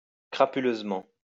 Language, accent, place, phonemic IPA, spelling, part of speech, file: French, France, Lyon, /kʁa.py.løz.mɑ̃/, crapuleusement, adverb, LL-Q150 (fra)-crapuleusement.wav
- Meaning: 1. crapulously 2. villainously